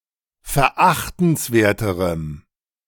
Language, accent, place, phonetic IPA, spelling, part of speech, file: German, Germany, Berlin, [fɛɐ̯ˈʔaxtn̩sˌveːɐ̯təʁəm], verachtenswerterem, adjective, De-verachtenswerterem.ogg
- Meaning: strong dative masculine/neuter singular comparative degree of verachtenswert